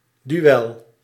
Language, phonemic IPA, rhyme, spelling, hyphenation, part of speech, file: Dutch, /dyˈ(ʋ)ɛl/, -ɛl, duel, du‧el, noun, Nl-duel.ogg
- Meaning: a duel